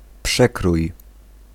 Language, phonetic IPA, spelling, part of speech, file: Polish, [ˈpʃɛkruj], przekrój, noun / verb, Pl-przekrój.ogg